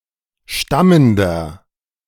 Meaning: inflection of stammend: 1. strong/mixed nominative masculine singular 2. strong genitive/dative feminine singular 3. strong genitive plural
- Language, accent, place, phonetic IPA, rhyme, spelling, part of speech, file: German, Germany, Berlin, [ˈʃtaməndɐ], -aməndɐ, stammender, adjective, De-stammender.ogg